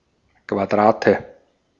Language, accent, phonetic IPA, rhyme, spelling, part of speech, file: German, Austria, [kvaˈdʁaːtə], -aːtə, Quadrate, noun, De-at-Quadrate.ogg
- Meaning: nominative/accusative/genitive plural of Quadrat